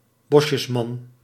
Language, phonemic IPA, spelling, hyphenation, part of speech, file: Dutch, /ˈbɔ.ʃəsˌmɑn/, Bosjesman, Bos‧jes‧man, noun, Nl-Bosjesman.ogg
- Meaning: a Bushman